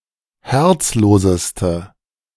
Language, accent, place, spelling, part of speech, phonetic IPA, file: German, Germany, Berlin, herzloseste, adjective, [ˈhɛʁt͡sˌloːzəstə], De-herzloseste.ogg
- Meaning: inflection of herzlos: 1. strong/mixed nominative/accusative feminine singular superlative degree 2. strong nominative/accusative plural superlative degree